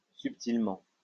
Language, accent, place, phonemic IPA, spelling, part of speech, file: French, France, Lyon, /syp.til.mɑ̃/, subtilement, adverb, LL-Q150 (fra)-subtilement.wav
- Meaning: subtly